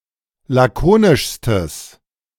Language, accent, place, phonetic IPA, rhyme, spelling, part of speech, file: German, Germany, Berlin, [ˌlaˈkoːnɪʃstəs], -oːnɪʃstəs, lakonischstes, adjective, De-lakonischstes.ogg
- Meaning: strong/mixed nominative/accusative neuter singular superlative degree of lakonisch